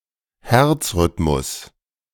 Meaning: cardiac rhythm
- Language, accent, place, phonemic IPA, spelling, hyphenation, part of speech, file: German, Germany, Berlin, /ˈhɛʁt͡sˌʁʏtmʊs/, Herzrhythmus, Herz‧rhyth‧mus, noun, De-Herzrhythmus.ogg